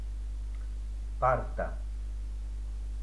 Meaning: school desk
- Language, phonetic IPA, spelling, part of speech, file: Russian, [ˈpartə], парта, noun, Ru-парта.ogg